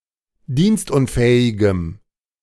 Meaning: strong dative masculine/neuter singular of dienstunfähig
- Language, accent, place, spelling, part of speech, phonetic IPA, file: German, Germany, Berlin, dienstunfähigem, adjective, [ˈdiːnstˌʔʊnfɛːɪɡəm], De-dienstunfähigem.ogg